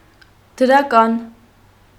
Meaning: positive
- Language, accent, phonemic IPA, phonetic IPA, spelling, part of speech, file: Armenian, Eastern Armenian, /dəɾɑˈkɑn/, [dəɾɑkɑ́n], դրական, adjective, Hy-դրական.ogg